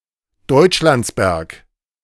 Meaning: a municipality of Styria, Austria
- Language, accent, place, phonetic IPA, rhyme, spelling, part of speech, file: German, Germany, Berlin, [dɔɪ̯t͡ʃˈlant͡sbɛʁk], -ant͡sbɛʁk, Deutschlandsberg, proper noun, De-Deutschlandsberg.ogg